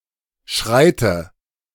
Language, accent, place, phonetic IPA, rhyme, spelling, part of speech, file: German, Germany, Berlin, [ˈʃʁaɪ̯tə], -aɪ̯tə, schreite, verb, De-schreite.ogg
- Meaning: inflection of schreiten: 1. first-person singular present 2. first/third-person singular subjunctive I 3. singular imperative